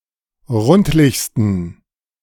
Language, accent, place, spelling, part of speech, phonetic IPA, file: German, Germany, Berlin, rundlichsten, adjective, [ˈʁʊntlɪçstn̩], De-rundlichsten.ogg
- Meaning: 1. superlative degree of rundlich 2. inflection of rundlich: strong genitive masculine/neuter singular superlative degree